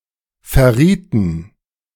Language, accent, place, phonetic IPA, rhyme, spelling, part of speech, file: German, Germany, Berlin, [fɛɐ̯ˈʁiːtn̩], -iːtn̩, verrieten, verb, De-verrieten.ogg
- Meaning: inflection of verraten: 1. first/third-person plural preterite 2. first/third-person plural subjunctive II